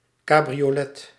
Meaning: 1. cabriolet, convertible (car with a convertible top) 2. cabriolet (light carriage with a convertible top, drawn by one horse)
- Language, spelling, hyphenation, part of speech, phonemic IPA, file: Dutch, cabriolet, ca‧bri‧o‧let, noun, /ˌkaː.bri.oːˈlɛ(t)/, Nl-cabriolet.ogg